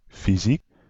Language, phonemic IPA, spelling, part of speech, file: Dutch, /fiˈzik/, fysiek, adjective, Nl-fysiek.ogg
- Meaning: physical (in the sense of Physical Education)